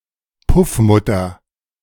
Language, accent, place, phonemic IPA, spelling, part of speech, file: German, Germany, Berlin, /ˈpʊfˌmʊtɐ/, Puffmutter, noun, De-Puffmutter.ogg
- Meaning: woman who owns or looks after a brothel; a madam